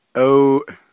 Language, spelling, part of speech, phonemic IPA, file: Navajo, aooʼ, interjection, /ʔɑ̀òːʔ/, Nv-aooʼ.ogg
- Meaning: yes